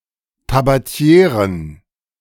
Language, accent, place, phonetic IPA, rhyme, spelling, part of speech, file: German, Germany, Berlin, [tabaˈti̯eːʁən], -eːʁən, Tabatieren, noun, De-Tabatieren.ogg
- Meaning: plural of Tabatiere